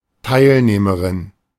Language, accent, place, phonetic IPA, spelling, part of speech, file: German, Germany, Berlin, [ˈtaɪ̯lneːməʁɪn], Teilnehmerin, noun, De-Teilnehmerin.ogg
- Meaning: participant